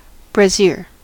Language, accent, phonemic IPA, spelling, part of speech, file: English, US, /bɹəˈzɪɚ/, brassiere, noun, En-us-brassiere.ogg
- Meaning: Synonym of bra